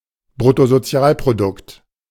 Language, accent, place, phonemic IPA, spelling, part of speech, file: German, Germany, Berlin, /bʁʊ.to.zoˈt͡si̯aːl.pʁo.dʊkt/, Bruttosozialprodukt, noun, De-Bruttosozialprodukt.ogg
- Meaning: gross national product